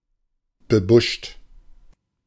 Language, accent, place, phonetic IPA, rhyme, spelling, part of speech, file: German, Germany, Berlin, [bəˈbʊʃt], -ʊʃt, bebuscht, adjective, De-bebuscht.ogg
- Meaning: bushy, scrubby